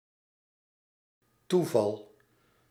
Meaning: 1. accident, chance 2. an attack (of epilepsy)
- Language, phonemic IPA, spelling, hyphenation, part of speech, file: Dutch, /ˈtu.vɑl/, toeval, toe‧val, noun, Nl-toeval.ogg